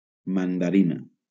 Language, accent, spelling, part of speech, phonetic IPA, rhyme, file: Catalan, Valencia, mandarina, noun / adjective, [man.daˈɾi.na], -ina, LL-Q7026 (cat)-mandarina.wav
- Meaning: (noun) mandarin orange; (adjective) feminine singular of mandarí